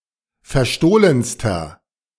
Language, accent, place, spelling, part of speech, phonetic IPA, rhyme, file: German, Germany, Berlin, verstohlenster, adjective, [fɛɐ̯ˈʃtoːlənstɐ], -oːlənstɐ, De-verstohlenster.ogg
- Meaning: inflection of verstohlen: 1. strong/mixed nominative masculine singular superlative degree 2. strong genitive/dative feminine singular superlative degree 3. strong genitive plural superlative degree